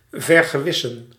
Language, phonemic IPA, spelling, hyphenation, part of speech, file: Dutch, /vər.ɣəˈʋɪ.sə(n)/, vergewissen, ver‧ge‧wis‧sen, verb, Nl-vergewissen.ogg
- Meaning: to convince oneself of the veracity [with van ‘of’]/[with dat ‘that’], to ascertain